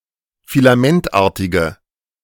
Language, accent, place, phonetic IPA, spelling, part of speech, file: German, Germany, Berlin, [filaˈmɛntˌʔaːɐ̯tɪɡə], filamentartige, adjective, De-filamentartige.ogg
- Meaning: inflection of filamentartig: 1. strong/mixed nominative/accusative feminine singular 2. strong nominative/accusative plural 3. weak nominative all-gender singular